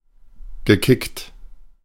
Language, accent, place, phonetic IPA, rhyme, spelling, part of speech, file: German, Germany, Berlin, [ɡəˈkɪkt], -ɪkt, gekickt, verb, De-gekickt.ogg
- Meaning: past participle of kicken